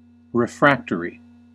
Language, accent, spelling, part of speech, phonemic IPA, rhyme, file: English, US, refractory, adjective / noun, /ɹɪˈfɹæk.təɹ.i/, -æktəɹi, En-us-refractory.ogg
- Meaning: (adjective) 1. Obstinate and unruly; strongly opposed to something 2. Not affected by great heat 3. Resistant to treatment; not responding adequately to therapy